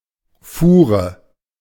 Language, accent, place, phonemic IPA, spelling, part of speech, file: German, Germany, Berlin, /ˈfuːʁə/, Fuhre, noun, De-Fuhre.ogg
- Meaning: 1. cartload, wagonload 2. an instance of transporting something, a round when something is transported in several "goes" 3. cart, wagon